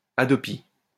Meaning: acronym of Haute Autorité pour la diffusion des œuvres et la protection des droits sur Internet (a French organisation for protecting intellectual property on the Internet)
- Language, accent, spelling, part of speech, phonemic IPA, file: French, France, HADOPI, proper noun, /a.dɔ.pi/, LL-Q150 (fra)-HADOPI.wav